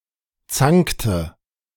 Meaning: inflection of zanken: 1. first/third-person singular preterite 2. first/third-person singular subjunctive II
- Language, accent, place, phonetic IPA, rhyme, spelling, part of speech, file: German, Germany, Berlin, [ˈt͡saŋktə], -aŋktə, zankte, verb, De-zankte.ogg